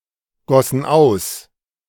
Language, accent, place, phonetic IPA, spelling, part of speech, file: German, Germany, Berlin, [ˌɡɔsn̩ ˈaʊ̯s], gossen aus, verb, De-gossen aus.ogg
- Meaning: first/third-person plural preterite of ausgießen